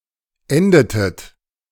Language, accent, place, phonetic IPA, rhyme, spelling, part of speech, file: German, Germany, Berlin, [ˈɛndətət], -ɛndətət, endetet, verb, De-endetet.ogg
- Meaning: inflection of enden: 1. second-person plural preterite 2. second-person plural subjunctive II